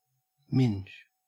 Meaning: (noun) 1. The pubic hair and vulva 2. Synonym of midge (“small biting fly”); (verb) Synonym of ming (“to mix”)
- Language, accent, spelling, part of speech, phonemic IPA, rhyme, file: English, Australia, minge, noun / verb, /mɪnd͡ʒ/, -ɪnd͡ʒ, En-au-minge.ogg